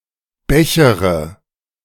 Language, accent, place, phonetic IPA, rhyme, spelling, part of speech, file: German, Germany, Berlin, [ˈbɛçəʁə], -ɛçəʁə, bechere, verb, De-bechere.ogg
- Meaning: inflection of bechern: 1. first-person singular present 2. first-person plural subjunctive I 3. third-person singular subjunctive I 4. singular imperative